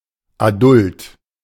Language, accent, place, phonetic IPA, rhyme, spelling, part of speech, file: German, Germany, Berlin, [aˈdʊlt], -ʊlt, adult, adjective, De-adult.ogg
- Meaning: adult